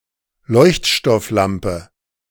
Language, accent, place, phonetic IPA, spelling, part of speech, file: German, Germany, Berlin, [ˈlɔɪ̯çtʃtɔfˌlampə], Leuchtstofflampe, noun, De-Leuchtstofflampe.ogg
- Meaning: fluorescent lamp